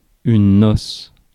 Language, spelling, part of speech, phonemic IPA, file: French, noce, noun, /nɔs/, Fr-noce.ogg
- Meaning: 1. wedding 2. wedding party, reception 3. party, knees-up